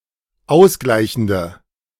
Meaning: inflection of ausgleichend: 1. strong/mixed nominative/accusative feminine singular 2. strong nominative/accusative plural 3. weak nominative all-gender singular
- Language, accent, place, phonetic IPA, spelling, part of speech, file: German, Germany, Berlin, [ˈaʊ̯sˌɡlaɪ̯çn̩də], ausgleichende, adjective, De-ausgleichende.ogg